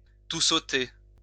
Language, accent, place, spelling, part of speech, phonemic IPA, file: French, France, Lyon, toussoter, verb, /tu.sɔ.te/, LL-Q150 (fra)-toussoter.wav
- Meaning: to splutter (have a light cough)